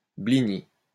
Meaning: blini
- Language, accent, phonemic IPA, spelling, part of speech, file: French, France, /bli.ni/, blini, noun, LL-Q150 (fra)-blini.wav